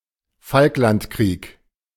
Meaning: Falklands War
- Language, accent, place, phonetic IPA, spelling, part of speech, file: German, Germany, Berlin, [ˈfalklantˌkʁiːk], Falklandkrieg, noun, De-Falklandkrieg.ogg